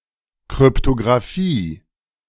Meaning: cryptography
- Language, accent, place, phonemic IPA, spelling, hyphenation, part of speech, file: German, Germany, Berlin, /kʁʏptoɡʁaˈfiː/, Kryptographie, Kryp‧to‧gra‧phie, noun, De-Kryptographie.ogg